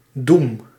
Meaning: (noun) 1. doom, condemnation 2. verdict, conviction, judgement; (verb) inflection of doemen: 1. first-person singular present indicative 2. second-person singular present indicative 3. imperative
- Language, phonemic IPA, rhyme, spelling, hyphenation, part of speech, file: Dutch, /dum/, -um, doem, doem, noun / verb, Nl-doem.ogg